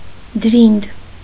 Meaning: the upper/inner, soft part of the hand
- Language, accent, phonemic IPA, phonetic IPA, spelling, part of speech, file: Armenian, Eastern Armenian, /dəˈɾind/, [dəɾínd], դրինդ, noun, Hy-դրինդ.ogg